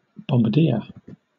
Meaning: 1. A bomber crew member who sights and releases bombs 2. A non-commissioned officer rank in artillery, equivalent to corporal. Abbreviated Bdr 3. An artilleryman; a gunner 4. A bombardier beetle
- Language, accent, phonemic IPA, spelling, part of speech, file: English, Southern England, /ˌbɒm.bəˈdɪə/, bombardier, noun, LL-Q1860 (eng)-bombardier.wav